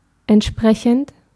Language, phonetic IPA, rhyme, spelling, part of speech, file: German, [ɛntˈʃpʁɛçn̩t], -ɛçn̩t, entsprechend, adjective / postposition / verb, De-entsprechend.ogg
- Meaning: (verb) present participle of entsprechen; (adjective) 1. corresponding 2. adequate, appropriate 3. respective; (adverb) accordingly; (preposition) according to, in accordance with